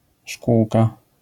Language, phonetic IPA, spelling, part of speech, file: Polish, [ˈʃkuwka], szkółka, noun, LL-Q809 (pol)-szkółka.wav